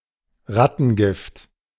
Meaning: rat poison
- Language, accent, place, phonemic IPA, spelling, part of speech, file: German, Germany, Berlin, /ˈʁatn̩ˌɡɪft/, Rattengift, noun, De-Rattengift.ogg